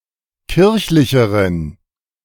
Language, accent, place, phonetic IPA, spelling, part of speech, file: German, Germany, Berlin, [ˈkɪʁçlɪçəʁən], kirchlicheren, adjective, De-kirchlicheren.ogg
- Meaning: inflection of kirchlich: 1. strong genitive masculine/neuter singular comparative degree 2. weak/mixed genitive/dative all-gender singular comparative degree